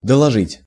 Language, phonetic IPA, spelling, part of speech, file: Russian, [dəɫɐˈʐɨtʲ], доложить, verb, Ru-доложить.ogg
- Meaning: 1. to report, to announce (to notify formally) 2. to add more, to put more (e.g. into a portion)